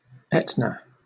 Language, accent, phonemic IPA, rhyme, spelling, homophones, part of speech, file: English, Southern England, /ˈɛtnə/, -ɛtnə, Etna, Aetna / etna, proper noun, LL-Q1860 (eng)-Etna.wav
- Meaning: 1. An active stratovolcano on the east coast of Sicily, Italy, between Messina and Catania 2. A city in Siskiyou County, California, United States 3. A town in Penobscot County, Maine, United States